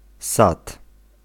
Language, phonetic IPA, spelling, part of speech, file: Polish, [sat], sad, noun, Pl-sad.ogg